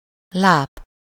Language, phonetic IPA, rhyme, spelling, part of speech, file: Hungarian, [ˈlaːp], -aːp, láp, noun, Hu-láp.ogg
- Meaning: moor (region with poor, marshy soil, peat, and heath)